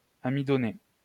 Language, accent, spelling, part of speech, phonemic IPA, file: French, France, amidonner, verb, /a.mi.dɔ.ne/, LL-Q150 (fra)-amidonner.wav
- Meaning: to starch (apply starch)